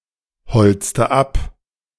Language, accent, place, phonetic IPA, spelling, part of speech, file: German, Germany, Berlin, [ˌhɔlt͡stə ˈap], holzte ab, verb, De-holzte ab.ogg
- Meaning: inflection of abholzen: 1. first/third-person singular preterite 2. first/third-person singular subjunctive II